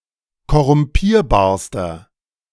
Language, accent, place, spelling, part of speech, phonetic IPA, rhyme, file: German, Germany, Berlin, korrumpierbarster, adjective, [kɔʁʊmˈpiːɐ̯baːɐ̯stɐ], -iːɐ̯baːɐ̯stɐ, De-korrumpierbarster.ogg
- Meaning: inflection of korrumpierbar: 1. strong/mixed nominative masculine singular superlative degree 2. strong genitive/dative feminine singular superlative degree